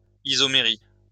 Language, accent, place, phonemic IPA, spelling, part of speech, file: French, France, Lyon, /i.zɔ.me.ʁi/, isomérie, noun, LL-Q150 (fra)-isomérie.wav
- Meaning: isomerism